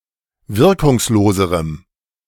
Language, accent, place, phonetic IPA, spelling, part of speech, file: German, Germany, Berlin, [ˈvɪʁkʊŋsˌloːzəʁəm], wirkungsloserem, adjective, De-wirkungsloserem.ogg
- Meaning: strong dative masculine/neuter singular comparative degree of wirkungslos